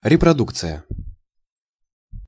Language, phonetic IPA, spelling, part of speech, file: Russian, [rʲɪprɐˈdukt͡sɨjə], репродукция, noun, Ru-репродукция.ogg
- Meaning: 1. (photographic) reproduction 2. reproduction